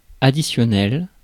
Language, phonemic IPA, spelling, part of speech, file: French, /a.di.sjɔ.nɛl/, additionnel, adjective, Fr-additionnel.ogg
- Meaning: additional (supplemental or added to)